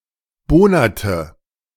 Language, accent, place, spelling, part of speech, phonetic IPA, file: German, Germany, Berlin, bohnerte, verb, [ˈboːnɐtə], De-bohnerte.ogg
- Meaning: inflection of bohnern: 1. first/third-person singular preterite 2. first/third-person singular subjunctive II